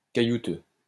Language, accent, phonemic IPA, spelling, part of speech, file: French, France, /ka.ju.tø/, caillouteux, adjective, LL-Q150 (fra)-caillouteux.wav
- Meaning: stony, pebbly